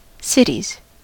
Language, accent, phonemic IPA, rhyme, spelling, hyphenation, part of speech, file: English, US, /ˈsɪtiz/, -ɪtiz, cities, cit‧ies, noun, En-us-cities.ogg
- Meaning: 1. plural of city 2. plural of citie